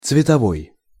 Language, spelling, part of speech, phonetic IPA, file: Russian, цветовой, adjective, [t͡svʲɪtɐˈvoj], Ru-цветовой.ogg
- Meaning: color